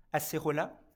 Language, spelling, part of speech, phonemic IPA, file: French, acérola, noun, /a.se.ʁɔ.la/, LL-Q150 (fra)-acérola.wav
- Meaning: acerola (fruit)